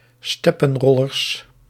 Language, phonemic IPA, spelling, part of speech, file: Dutch, /ˈstɛpə(n)ˌrɔlərs/, steppenrollers, noun, Nl-steppenrollers.ogg
- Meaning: plural of steppenroller